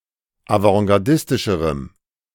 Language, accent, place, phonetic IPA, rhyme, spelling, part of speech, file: German, Germany, Berlin, [avɑ̃ɡaʁˈdɪstɪʃəʁəm], -ɪstɪʃəʁəm, avantgardistischerem, adjective, De-avantgardistischerem.ogg
- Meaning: strong dative masculine/neuter singular comparative degree of avantgardistisch